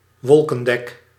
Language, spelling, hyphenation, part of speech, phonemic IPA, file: Dutch, wolkendek, wol‧ken‧dek, noun, /ˈʋɔl.kə(n)ˌdɛk/, Nl-wolkendek.ogg
- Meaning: a cloud cover